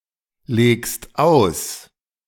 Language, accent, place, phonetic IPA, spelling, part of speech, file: German, Germany, Berlin, [ˌleːkst ˈaʊ̯s], legst aus, verb, De-legst aus.ogg
- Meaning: second-person singular present of auslegen